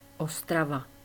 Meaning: Ostrava (a city in the far east of the Czech Republic)
- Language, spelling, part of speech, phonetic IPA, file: Czech, Ostrava, proper noun, [ˈostrava], Cs Ostrava.ogg